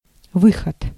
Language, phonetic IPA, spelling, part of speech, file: Russian, [ˈvɨxət], выход, noun, Ru-выход.ogg
- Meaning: 1. going out, coming out, leaving, departure, withdrawal 2. exit, way out 3. solution, way out, outlet 4. yield, output 5. publication, release 6. appearance 7. outcrop